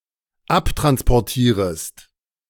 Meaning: second-person singular dependent subjunctive I of abtransportieren
- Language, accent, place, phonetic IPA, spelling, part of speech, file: German, Germany, Berlin, [ˈaptʁanspɔʁˌtiːʁəst], abtransportierest, verb, De-abtransportierest.ogg